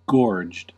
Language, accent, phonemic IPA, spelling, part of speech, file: English, US, /ɡɔːɹd͡ʒd/, gorged, adjective / verb, En-us-gorged.ogg
- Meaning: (adjective) 1. With a stomach stuffed full of food 2. With the neck collared or encircled by an object 3. Having a gorge or throat; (verb) simple past and past participle of gorge